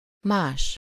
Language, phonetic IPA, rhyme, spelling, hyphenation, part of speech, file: Hungarian, [ˈmaːʃ], -aːʃ, más, más, adjective / pronoun, Hu-más.ogg
- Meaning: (adjective) other, different (in some aspect: -ban/-ben); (pronoun) 1. someone else, something else (another person or thing) 2. else